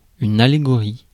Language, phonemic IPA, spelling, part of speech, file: French, /a.le.ɡɔ.ʁi/, allégorie, noun, Fr-allégorie.ogg
- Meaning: allegory